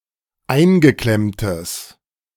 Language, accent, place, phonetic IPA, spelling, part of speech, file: German, Germany, Berlin, [ˈaɪ̯nɡəˌklɛmtəs], eingeklemmtes, adjective, De-eingeklemmtes.ogg
- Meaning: strong/mixed nominative/accusative neuter singular of eingeklemmt